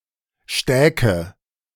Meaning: first/third-person singular subjunctive II of stecken
- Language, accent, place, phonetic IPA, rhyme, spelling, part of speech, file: German, Germany, Berlin, [ˈʃtɛːkə], -ɛːkə, stäke, verb, De-stäke.ogg